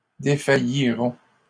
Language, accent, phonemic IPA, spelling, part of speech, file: French, Canada, /de.fa.ji.ʁɔ̃/, défailliront, verb, LL-Q150 (fra)-défailliront.wav
- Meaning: third-person plural simple future of défaillir